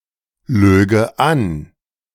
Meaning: first/third-person singular subjunctive II of anlügen
- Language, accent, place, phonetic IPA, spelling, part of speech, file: German, Germany, Berlin, [ˌløːɡə ˈan], löge an, verb, De-löge an.ogg